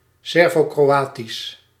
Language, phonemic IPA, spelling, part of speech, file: Dutch, /sɛrvoːkroːˈaːtis/, Servo-Kroatisch, proper noun / adjective, Nl-Servo-Kroatisch.ogg
- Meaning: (proper noun) Serbo-Croatian